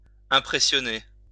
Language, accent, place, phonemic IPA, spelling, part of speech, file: French, France, Lyon, /ɛ̃.pʁɛ.sjɔ.ne/, impressionner, verb, LL-Q150 (fra)-impressionner.wav
- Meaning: to impress, to wow, to awe